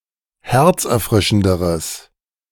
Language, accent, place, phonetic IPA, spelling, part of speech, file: German, Germany, Berlin, [ˈhɛʁt͡sʔɛɐ̯ˌfʁɪʃn̩dəʁəs], herzerfrischenderes, adjective, De-herzerfrischenderes.ogg
- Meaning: strong/mixed nominative/accusative neuter singular comparative degree of herzerfrischend